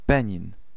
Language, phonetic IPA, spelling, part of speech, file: Polish, [ˈbɛ̃ɲĩn], Benin, proper noun, Pl-Benin.ogg